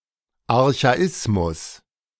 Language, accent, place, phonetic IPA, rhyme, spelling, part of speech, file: German, Germany, Berlin, [aʁçaˈɪsmʊs], -ɪsmʊs, Archaismus, noun, De-Archaismus.ogg
- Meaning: archaism, archaicism